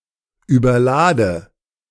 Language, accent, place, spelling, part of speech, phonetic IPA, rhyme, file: German, Germany, Berlin, überlade, verb, [yːbɐˈlaːdə], -aːdə, De-überlade.ogg
- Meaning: inflection of überladen: 1. first-person singular present 2. first/third-person singular subjunctive I 3. singular imperative